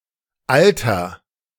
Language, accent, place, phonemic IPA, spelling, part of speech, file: German, Germany, Berlin, /ˈʔaltɐ/, alter, adjective, De-alter.ogg
- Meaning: inflection of alt: 1. strong/mixed nominative masculine singular 2. strong genitive/dative feminine singular 3. strong genitive plural